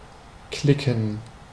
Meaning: 1. to click (make a clear sound, as of a lock being closed, or two marbles striking each other) 2. to click (with a mouse)
- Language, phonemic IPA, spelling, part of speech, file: German, /ˈklɪkən/, klicken, verb, De-klicken.ogg